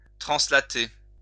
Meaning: to translate
- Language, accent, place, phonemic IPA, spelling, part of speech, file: French, France, Lyon, /tʁɑ̃.sla.te/, translater, verb, LL-Q150 (fra)-translater.wav